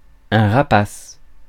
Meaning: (adjective) 1. rapacious, predatory 2. rapacious, greedy; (noun) 1. bird of prey 2. raptor
- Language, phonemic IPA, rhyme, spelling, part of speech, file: French, /ʁa.pas/, -as, rapace, adjective / noun, Fr-rapace.ogg